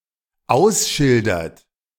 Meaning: inflection of ausschildern: 1. third-person singular dependent present 2. second-person plural dependent present
- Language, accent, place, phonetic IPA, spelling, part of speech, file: German, Germany, Berlin, [ˈaʊ̯sˌʃɪldɐt], ausschildert, verb, De-ausschildert.ogg